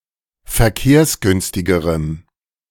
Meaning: strong dative masculine/neuter singular comparative degree of verkehrsgünstig
- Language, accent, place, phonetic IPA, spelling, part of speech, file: German, Germany, Berlin, [fɛɐ̯ˈkeːɐ̯sˌɡʏnstɪɡəʁəm], verkehrsgünstigerem, adjective, De-verkehrsgünstigerem.ogg